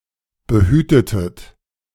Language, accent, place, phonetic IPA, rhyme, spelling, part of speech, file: German, Germany, Berlin, [bəˈhyːtətət], -yːtətət, behütetet, verb, De-behütetet.ogg
- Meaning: inflection of behüten: 1. second-person plural preterite 2. second-person plural subjunctive II